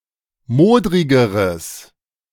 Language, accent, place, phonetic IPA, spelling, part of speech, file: German, Germany, Berlin, [ˈmoːdʁɪɡəʁəs], modrigeres, adjective, De-modrigeres.ogg
- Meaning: strong/mixed nominative/accusative neuter singular comparative degree of modrig